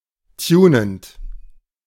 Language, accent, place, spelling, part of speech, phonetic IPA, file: German, Germany, Berlin, tunend, verb, [ˈtjuːnənt], De-tunend.ogg
- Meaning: present participle of tunen